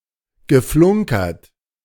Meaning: past participle of flunkern
- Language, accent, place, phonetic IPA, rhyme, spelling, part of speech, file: German, Germany, Berlin, [ɡəˈflʊŋkɐt], -ʊŋkɐt, geflunkert, verb, De-geflunkert.ogg